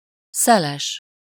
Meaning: 1. windy 2. rash, thoughtless
- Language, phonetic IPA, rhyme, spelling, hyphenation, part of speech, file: Hungarian, [ˈsɛlɛʃ], -ɛʃ, szeles, sze‧les, adjective, Hu-szeles.ogg